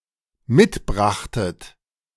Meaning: second-person plural dependent preterite of mitbringen
- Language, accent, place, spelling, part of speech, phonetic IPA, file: German, Germany, Berlin, mitbrachtet, verb, [ˈmɪtˌbʁaxtət], De-mitbrachtet.ogg